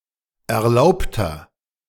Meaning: inflection of erlaubt: 1. strong/mixed nominative masculine singular 2. strong genitive/dative feminine singular 3. strong genitive plural
- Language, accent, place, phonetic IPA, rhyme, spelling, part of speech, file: German, Germany, Berlin, [ɛɐ̯ˈlaʊ̯ptɐ], -aʊ̯ptɐ, erlaubter, adjective, De-erlaubter.ogg